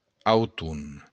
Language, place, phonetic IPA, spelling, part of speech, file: Occitan, Béarn, [awˈtu], auton, noun, LL-Q14185 (oci)-auton.wav
- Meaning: autumn